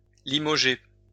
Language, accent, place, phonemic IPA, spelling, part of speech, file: French, France, Lyon, /li.mɔ.ʒe/, limoger, verb, LL-Q150 (fra)-limoger.wav
- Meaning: to dismiss (usually of senior staff, such as a minister, general, bishop, ambassador, etc), kick upstairs